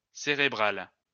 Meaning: feminine singular of cérébral
- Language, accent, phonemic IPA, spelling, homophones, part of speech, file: French, France, /se.ʁe.bʁal/, cérébrale, cérébral / cérébrales, adjective, LL-Q150 (fra)-cérébrale.wav